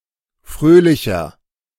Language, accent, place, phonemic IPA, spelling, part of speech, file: German, Germany, Berlin, /ˈfʁøːlɪçɐ/, fröhlicher, adjective, De-fröhlicher.ogg
- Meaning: 1. comparative degree of fröhlich 2. inflection of fröhlich: strong/mixed nominative masculine singular 3. inflection of fröhlich: strong genitive/dative feminine singular